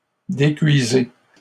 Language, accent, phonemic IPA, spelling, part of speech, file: French, Canada, /de.kɥi.ze/, décuisez, verb, LL-Q150 (fra)-décuisez.wav
- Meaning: inflection of décuire: 1. second-person plural present indicative 2. second-person plural imperative